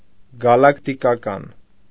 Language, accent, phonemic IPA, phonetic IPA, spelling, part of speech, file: Armenian, Eastern Armenian, /ɡɑlɑktikɑˈkɑn/, [ɡɑlɑktikɑkɑ́n], գալակտիկական, adjective, Hy-գալակտիկական.ogg
- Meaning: galactic